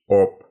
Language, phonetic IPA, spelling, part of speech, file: Russian, [op], оп, interjection, Ru-оп.ogg
- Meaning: 1. An exclamation accompanying some energetic action (often unexpected), like a jump, sudden movement, etc 2. An exclamation encouraging some energetic action